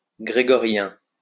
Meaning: Gregorian
- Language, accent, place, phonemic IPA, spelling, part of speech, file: French, France, Lyon, /ɡʁe.ɡɔ.ʁjɛ̃/, grégorien, adjective, LL-Q150 (fra)-grégorien.wav